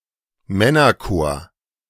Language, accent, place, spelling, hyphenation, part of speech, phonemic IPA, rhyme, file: German, Germany, Berlin, Männerchor, Män‧ner‧chor, noun, /ˈmɛnɐˌkoːɐ̯/, -oːɐ̯, De-Männerchor.ogg
- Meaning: male choir